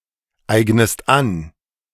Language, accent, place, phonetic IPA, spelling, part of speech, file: German, Germany, Berlin, [ˌaɪ̯ɡnəst ˈan], eignest an, verb, De-eignest an.ogg
- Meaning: inflection of aneignen: 1. second-person singular present 2. second-person singular subjunctive I